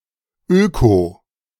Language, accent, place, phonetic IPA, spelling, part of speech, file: German, Germany, Berlin, [ˈøːko], öko, adjective, De-öko.ogg
- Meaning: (adjective) clipping of ökologisch: eco (ecological, environmental); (adverb) clipping of ökologisch: eco (ecologically, environmentally)